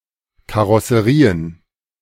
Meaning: plural of Karosserie
- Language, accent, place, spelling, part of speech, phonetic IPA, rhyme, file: German, Germany, Berlin, Karosserien, noun, [kaʁɔsəˈʁiːən], -iːən, De-Karosserien.ogg